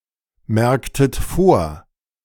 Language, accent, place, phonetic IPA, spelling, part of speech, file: German, Germany, Berlin, [ˌmɛʁktət ˈfoːɐ̯], merktet vor, verb, De-merktet vor.ogg
- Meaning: inflection of vormerken: 1. second-person plural preterite 2. second-person plural subjunctive II